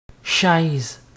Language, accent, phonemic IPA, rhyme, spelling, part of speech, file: French, Quebec, /ʃɛz/, -ɛz, chaise, noun, Qc-chaise.ogg
- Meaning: chair, seat